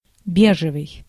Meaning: beige
- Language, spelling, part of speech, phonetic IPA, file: Russian, бежевый, adjective, [ˈbʲeʐɨvɨj], Ru-бежевый.ogg